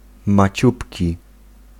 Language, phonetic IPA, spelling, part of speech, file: Polish, [maˈt͡ɕupʲci], maciupki, adjective, Pl-maciupki.ogg